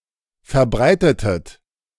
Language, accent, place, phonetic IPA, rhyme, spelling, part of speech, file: German, Germany, Berlin, [fɛɐ̯ˈbʁaɪ̯tətət], -aɪ̯tətət, verbreitetet, verb, De-verbreitetet.ogg
- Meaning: inflection of verbreiten: 1. second-person plural preterite 2. second-person plural subjunctive II